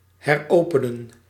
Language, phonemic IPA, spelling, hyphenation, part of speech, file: Dutch, /ɦɛrˈoː.pə.nə(n)/, heropenen, her‧ope‧nen, verb, Nl-heropenen.ogg
- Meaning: to reopen